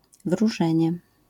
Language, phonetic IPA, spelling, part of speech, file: Polish, [vruˈʒɛ̃ɲɛ], wróżenie, noun, LL-Q809 (pol)-wróżenie.wav